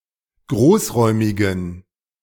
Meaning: inflection of großräumig: 1. strong genitive masculine/neuter singular 2. weak/mixed genitive/dative all-gender singular 3. strong/weak/mixed accusative masculine singular 4. strong dative plural
- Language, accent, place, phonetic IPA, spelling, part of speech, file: German, Germany, Berlin, [ˈɡʁoːsˌʁɔɪ̯mɪɡn̩], großräumigen, adjective, De-großräumigen.ogg